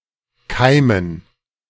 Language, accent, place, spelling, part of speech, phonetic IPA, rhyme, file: German, Germany, Berlin, Keimen, noun, [ˈkaɪ̯mən], -aɪ̯mən, De-Keimen.ogg
- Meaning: dative plural of Keim